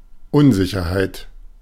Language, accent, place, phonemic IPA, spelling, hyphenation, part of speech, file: German, Germany, Berlin, /ˈʊnˌzɪçɐhaɪ̯t/, Unsicherheit, Un‧si‧cher‧heit, noun, De-Unsicherheit.ogg
- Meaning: 1. uncertainty 2. insecurity